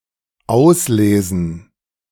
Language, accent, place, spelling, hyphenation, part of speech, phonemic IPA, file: German, Germany, Berlin, auslesen, aus‧le‧sen, verb, /ˈaʊ̯sleːzn̩/, De-auslesen.ogg
- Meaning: 1. to cull 2. to read, to read out 3. to select 4. to sort out 5. to finish reading